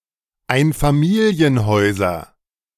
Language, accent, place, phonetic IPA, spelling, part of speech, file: German, Germany, Berlin, [ˈaɪ̯nfamiːli̯ənˌhɔɪ̯zɐ], Einfamilienhäuser, noun, De-Einfamilienhäuser.ogg
- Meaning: nominative/accusative/genitive plural of Einfamilienhaus